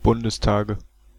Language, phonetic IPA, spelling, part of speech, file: German, [ˈbʊndəsˌtaːɡə], Bundestage, noun, De-Bundestage.ogg
- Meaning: nominative/accusative/genitive plural of Bundestag